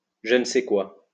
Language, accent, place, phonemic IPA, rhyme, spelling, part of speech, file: French, France, Lyon, /ʒə n(ə) sɛ kwa/, -a, je ne sais quoi, noun, LL-Q150 (fra)-je ne sais quoi.wav
- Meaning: a certain something, je ne sais quoi (intangible quality that makes something distinctive)